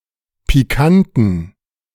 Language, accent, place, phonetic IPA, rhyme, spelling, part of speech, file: German, Germany, Berlin, [piˈkantn̩], -antn̩, pikanten, adjective, De-pikanten.ogg
- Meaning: inflection of pikant: 1. strong genitive masculine/neuter singular 2. weak/mixed genitive/dative all-gender singular 3. strong/weak/mixed accusative masculine singular 4. strong dative plural